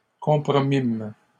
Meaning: first-person plural past historic of compromettre
- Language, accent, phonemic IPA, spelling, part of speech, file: French, Canada, /kɔ̃.pʁɔ.mim/, compromîmes, verb, LL-Q150 (fra)-compromîmes.wav